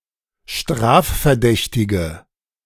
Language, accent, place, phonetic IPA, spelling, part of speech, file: German, Germany, Berlin, [ˈʃtʁaːffɛɐ̯ˌdɛçtɪɡə], strafverdächtige, adjective, De-strafverdächtige.ogg
- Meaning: inflection of strafverdächtig: 1. strong/mixed nominative/accusative feminine singular 2. strong nominative/accusative plural 3. weak nominative all-gender singular